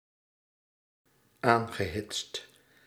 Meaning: past participle of aanhitsen
- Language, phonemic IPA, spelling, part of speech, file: Dutch, /ˈaŋɣəˌhɪtst/, aangehitst, verb, Nl-aangehitst.ogg